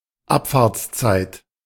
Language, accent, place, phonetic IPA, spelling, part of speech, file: German, Germany, Berlin, [ˈapfaːɐ̯t͡sˌt͡saɪ̯t], Abfahrtszeit, noun, De-Abfahrtszeit.ogg
- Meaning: time of departure, departure time (of train, bus, ship etc.)